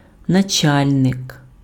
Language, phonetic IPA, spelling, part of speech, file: Ukrainian, [nɐˈt͡ʃalʲnek], начальник, noun, Uk-начальник.ogg
- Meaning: chief, head, commander, master, superior